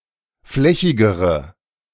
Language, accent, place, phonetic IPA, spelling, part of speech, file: German, Germany, Berlin, [ˈflɛçɪɡəʁə], flächigere, adjective, De-flächigere.ogg
- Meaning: inflection of flächig: 1. strong/mixed nominative/accusative feminine singular comparative degree 2. strong nominative/accusative plural comparative degree